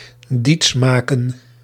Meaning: to convince through deception, to trick or con into believing
- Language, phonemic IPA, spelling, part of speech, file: Dutch, /ˈdits ˈmaː.kə(n)/, diets maken, verb, Nl-diets maken.ogg